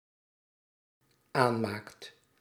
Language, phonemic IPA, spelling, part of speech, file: Dutch, /ˈanmakt/, aanmaakt, verb, Nl-aanmaakt.ogg
- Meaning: second/third-person singular dependent-clause present indicative of aanmaken